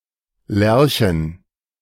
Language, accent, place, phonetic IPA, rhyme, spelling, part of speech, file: German, Germany, Berlin, [ˈlɛʁçn̩], -ɛʁçn̩, Lärchen, noun, De-Lärchen.ogg
- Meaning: plural of Lärche